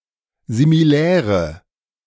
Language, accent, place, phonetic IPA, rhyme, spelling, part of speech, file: German, Germany, Berlin, [zimiˈlɛːʁə], -ɛːʁə, similäre, adjective, De-similäre.ogg
- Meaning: inflection of similär: 1. strong/mixed nominative/accusative feminine singular 2. strong nominative/accusative plural 3. weak nominative all-gender singular 4. weak accusative feminine/neuter singular